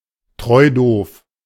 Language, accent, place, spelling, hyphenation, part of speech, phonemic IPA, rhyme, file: German, Germany, Berlin, treudoof, treu‧doof, adjective, /ˈtʁɔɪ̯doːf/, -oːf, De-treudoof.ogg
- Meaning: naive